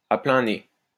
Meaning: a lot, clearly, strongly, all over
- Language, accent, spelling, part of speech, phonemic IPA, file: French, France, à plein nez, adverb, /a plɛ̃ ne/, LL-Q150 (fra)-à plein nez.wav